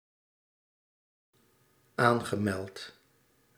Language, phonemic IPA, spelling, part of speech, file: Dutch, /ˈaŋɣəˌmɛlt/, aangemeld, adjective / verb, Nl-aangemeld.ogg
- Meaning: past participle of aanmelden